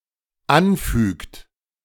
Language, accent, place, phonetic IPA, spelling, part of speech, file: German, Germany, Berlin, [ˈanˌfyːkt], anfügt, verb, De-anfügt.ogg
- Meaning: inflection of anfügen: 1. third-person singular dependent present 2. second-person plural dependent present